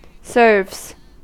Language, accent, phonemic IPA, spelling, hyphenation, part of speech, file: English, US, /sɝvz/, serves, serves, verb / noun, En-us-serves.ogg
- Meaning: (verb) third-person singular simple present indicative of serve; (noun) plural of serve